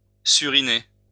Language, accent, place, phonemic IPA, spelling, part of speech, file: French, France, Lyon, /sy.ʁi.ne/, suriner, verb, LL-Q150 (fra)-suriner.wav
- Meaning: to stab; to knife; to shiv